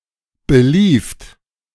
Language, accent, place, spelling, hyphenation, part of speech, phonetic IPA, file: German, Germany, Berlin, belieft, be‧lieft, verb, [bəˈliːft], De-belieft.ogg
- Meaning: second-person plural preterite of belaufen